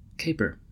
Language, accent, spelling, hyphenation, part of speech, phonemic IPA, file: English, US, caper, ca‧per, noun / verb, /ˈkeɪpɚ/, En-us-caper.ogg
- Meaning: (noun) 1. A playful leap or jump 2. A jump while dancing 3. A prank or practical joke 4. Playful behaviour 5. A crime, especially an elaborate heist, or a narrative about such a crime